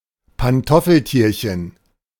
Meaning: a unicellular ciliate protozoan of the Paramecium genus, first described by Antoni van Leeuwenhoek
- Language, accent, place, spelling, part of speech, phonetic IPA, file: German, Germany, Berlin, Pantoffeltierchen, noun, [panˈtɔfl̩ˌtiːɐ̯çn̩], De-Pantoffeltierchen.ogg